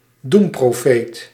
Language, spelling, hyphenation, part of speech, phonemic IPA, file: Dutch, doemprofeet, doem‧pro‧feet, noun, /ˈdum.proːˌfeːt/, Nl-doemprofeet.ogg
- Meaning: doomsayer, prophet of doom